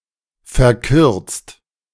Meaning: 1. past participle of verkürzen 2. inflection of verkürzen: second-person plural present 3. inflection of verkürzen: third-person singular present 4. inflection of verkürzen: plural imperative
- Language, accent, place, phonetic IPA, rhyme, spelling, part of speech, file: German, Germany, Berlin, [fɛɐ̯ˈkʏʁt͡st], -ʏʁt͡st, verkürzt, verb, De-verkürzt.ogg